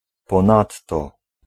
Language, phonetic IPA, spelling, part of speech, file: Polish, [pɔ̃ˈnatːɔ], ponadto, particle, Pl-ponadto.ogg